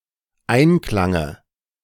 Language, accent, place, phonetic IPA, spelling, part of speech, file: German, Germany, Berlin, [ˈaɪ̯nˌklaŋə], Einklange, noun, De-Einklange.ogg
- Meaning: dative of Einklang